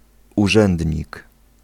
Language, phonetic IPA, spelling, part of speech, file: Polish, [uˈʒɛ̃ndʲɲik], urzędnik, noun, Pl-urzędnik.ogg